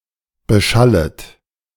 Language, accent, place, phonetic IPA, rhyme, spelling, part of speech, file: German, Germany, Berlin, [bəˈʃalət], -alət, beschallet, verb, De-beschallet.ogg
- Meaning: second-person plural subjunctive I of beschallen